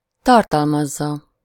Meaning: 1. third-person singular indicative present definite of tartalmaz 2. third-person singular subjunctive present definite of tartalmaz
- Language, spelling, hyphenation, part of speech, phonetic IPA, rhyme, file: Hungarian, tartalmazza, tar‧tal‧maz‧za, verb, [ˈtɒrtɒlmɒzːɒ], -zɒ, Hu-tartalmazza.ogg